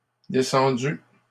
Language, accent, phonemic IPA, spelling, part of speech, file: French, Canada, /de.sɑ̃.dy/, descendus, verb, LL-Q150 (fra)-descendus.wav
- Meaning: masculine plural of descendu